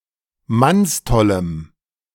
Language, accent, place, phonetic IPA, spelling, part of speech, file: German, Germany, Berlin, [ˈmansˌtɔləm], mannstollem, adjective, De-mannstollem.ogg
- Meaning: strong dative masculine/neuter singular of mannstoll